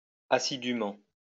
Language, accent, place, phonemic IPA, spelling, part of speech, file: French, France, Lyon, /a.si.dy.mɑ̃/, assidûment, adverb, LL-Q150 (fra)-assidûment.wav
- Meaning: assiduously (in an assiduous manner)